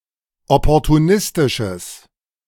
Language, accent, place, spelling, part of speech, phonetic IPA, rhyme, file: German, Germany, Berlin, opportunistisches, adjective, [ˌɔpɔʁtuˈnɪstɪʃəs], -ɪstɪʃəs, De-opportunistisches.ogg
- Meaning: strong/mixed nominative/accusative neuter singular of opportunistisch